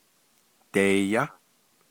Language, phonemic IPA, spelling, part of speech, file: Navajo, /tèːjɑ́/, deeyá, verb, Nv-deeyá.ogg
- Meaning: third-person singular perfective of dighááh